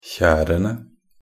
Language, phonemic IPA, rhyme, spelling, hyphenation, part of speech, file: Norwegian Bokmål, /ˈçæːrənə/, -ənə, kjerene, kjer‧en‧e, noun, Nb-kjerene.ogg
- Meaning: definite plural of kjer